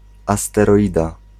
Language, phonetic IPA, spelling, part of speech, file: Polish, [ˌastɛˈrɔjda], asteroida, noun, Pl-asteroida.ogg